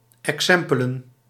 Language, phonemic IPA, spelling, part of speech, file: Dutch, /ɛkˈsɛmpələ(n)/, exempelen, noun, Nl-exempelen.ogg
- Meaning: plural of exempel